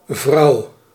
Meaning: 1. woman 2. wife
- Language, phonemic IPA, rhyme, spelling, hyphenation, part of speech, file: Dutch, /vrɑu̯/, -ɑu̯, vrouw, vrouw, noun, Nl-vrouw.ogg